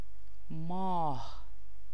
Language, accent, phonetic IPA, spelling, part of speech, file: Persian, Iran, [mɒːʱ], ماه, noun, Fa-ماه.ogg
- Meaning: 1. moon 2. month 3. beautiful person; beauty; the beloved